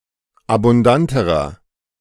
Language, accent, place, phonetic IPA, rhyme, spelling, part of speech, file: German, Germany, Berlin, [abʊnˈdantəʁɐ], -antəʁɐ, abundanterer, adjective, De-abundanterer.ogg
- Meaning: inflection of abundant: 1. strong/mixed nominative masculine singular comparative degree 2. strong genitive/dative feminine singular comparative degree 3. strong genitive plural comparative degree